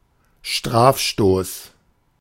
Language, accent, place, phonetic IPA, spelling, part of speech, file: German, Germany, Berlin, [ˈʃtʁaːfˌʃtoːs], Strafstoß, noun, De-Strafstoß.ogg
- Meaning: penalty kick